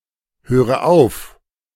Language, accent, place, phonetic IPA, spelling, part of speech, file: German, Germany, Berlin, [ˌhøːʁə ˈaʊ̯f], höre auf, verb, De-höre auf.ogg
- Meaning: inflection of aufhören: 1. first-person singular present 2. first/third-person singular subjunctive I 3. singular imperative